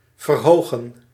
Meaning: 1. to heighten 2. to increase
- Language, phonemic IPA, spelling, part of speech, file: Dutch, /vərˈhoɣə(n)/, verhogen, verb / noun, Nl-verhogen.ogg